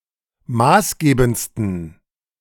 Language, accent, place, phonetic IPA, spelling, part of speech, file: German, Germany, Berlin, [ˈmaːsˌɡeːbn̩t͡stən], maßgebendsten, adjective, De-maßgebendsten.ogg
- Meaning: 1. superlative degree of maßgebend 2. inflection of maßgebend: strong genitive masculine/neuter singular superlative degree